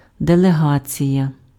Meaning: delegation
- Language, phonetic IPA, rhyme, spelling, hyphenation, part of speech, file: Ukrainian, [deɫeˈɦat͡sʲijɐ], -at͡sʲijɐ, делегація, де‧ле‧га‧ція, noun, Uk-делегація.ogg